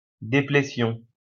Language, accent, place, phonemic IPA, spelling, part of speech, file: French, France, Lyon, /de.ple.sjɔ̃/, déplétion, noun, LL-Q150 (fra)-déplétion.wav
- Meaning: depletion